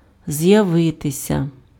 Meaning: to appear, to show up, to show oneself, to turn up (come into view, become visible, make an appearance)
- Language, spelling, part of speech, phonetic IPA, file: Ukrainian, з'явитися, verb, [zjɐˈʋɪtesʲɐ], Uk-з'явитися.ogg